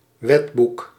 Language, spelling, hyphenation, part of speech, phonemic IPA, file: Dutch, wetboek, wet‧boek, noun, /ˈʋɛt.buk/, Nl-wetboek.ogg
- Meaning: lawbook, code of law